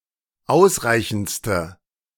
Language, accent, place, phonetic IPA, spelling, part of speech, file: German, Germany, Berlin, [ˈaʊ̯sˌʁaɪ̯çn̩t͡stə], ausreichendste, adjective, De-ausreichendste.ogg
- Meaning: inflection of ausreichend: 1. strong/mixed nominative/accusative feminine singular superlative degree 2. strong nominative/accusative plural superlative degree